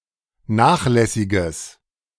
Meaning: strong/mixed nominative/accusative neuter singular of nachlässig
- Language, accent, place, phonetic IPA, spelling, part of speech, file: German, Germany, Berlin, [ˈnaːxˌlɛsɪɡəs], nachlässiges, adjective, De-nachlässiges.ogg